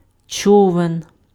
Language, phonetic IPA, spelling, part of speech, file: Ukrainian, [ˈt͡ʃɔʋen], човен, noun, Uk-човен.ogg
- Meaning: boat (usually with oars)